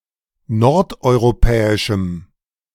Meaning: strong dative masculine/neuter singular of nordeuropäisch
- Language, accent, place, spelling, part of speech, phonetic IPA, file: German, Germany, Berlin, nordeuropäischem, adjective, [ˈnɔʁtʔɔɪ̯ʁoˌpɛːɪʃm̩], De-nordeuropäischem.ogg